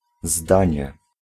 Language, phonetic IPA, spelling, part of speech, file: Polish, [ˈzdãɲɛ], zdanie, noun, Pl-zdanie.ogg